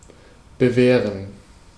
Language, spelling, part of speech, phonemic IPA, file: German, bewehren, verb, /bəˈveːʁən/, De-bewehren.ogg
- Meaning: 1. to arm, protect, fortify 2. to armor, reinforce (building materials like concrete in order to increase their solidity) 3. to forbid, hinder, ward off